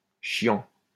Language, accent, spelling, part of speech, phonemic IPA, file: French, France, chiant, adjective / verb, /ʃjɑ̃/, LL-Q150 (fra)-chiant.wav
- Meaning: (adjective) 1. annoying 2. boring; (verb) present participle of chier